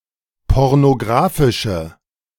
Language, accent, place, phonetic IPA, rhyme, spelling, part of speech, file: German, Germany, Berlin, [ˌpɔʁnoˈɡʁaːfɪʃə], -aːfɪʃə, pornografische, adjective, De-pornografische.ogg
- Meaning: inflection of pornografisch: 1. strong/mixed nominative/accusative feminine singular 2. strong nominative/accusative plural 3. weak nominative all-gender singular